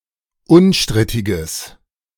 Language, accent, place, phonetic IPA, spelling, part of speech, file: German, Germany, Berlin, [ˈʊnˌʃtʁɪtɪɡəs], unstrittiges, adjective, De-unstrittiges.ogg
- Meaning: strong/mixed nominative/accusative neuter singular of unstrittig